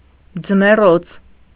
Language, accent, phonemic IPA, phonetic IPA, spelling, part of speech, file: Armenian, Eastern Armenian, /d͡zəmeˈrot͡sʰ/, [d͡zəmerót͡sʰ], ձմեռոց, noun, Hy-ձմեռոց.ogg
- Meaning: 1. winter quarters (for animals) 2. alternative form of ձմեռանոց (jmeṙanocʻ)